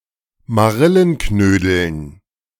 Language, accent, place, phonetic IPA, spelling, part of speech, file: German, Germany, Berlin, [maˈʁɪlənˌknøːdl̩n], Marillenknödeln, noun, De-Marillenknödeln.ogg
- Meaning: dative plural of Marillenknödel